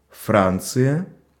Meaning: France (a country located primarily in Western Europe)
- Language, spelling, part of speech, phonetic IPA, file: Russian, Франция, proper noun, [ˈfrant͡sɨjə], Ru-Франция.ogg